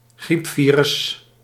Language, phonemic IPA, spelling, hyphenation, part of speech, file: Dutch, /ˈɣripˌfi.rʏs/, griepvirus, griep‧vi‧rus, noun, Nl-griepvirus.ogg
- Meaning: influenza virus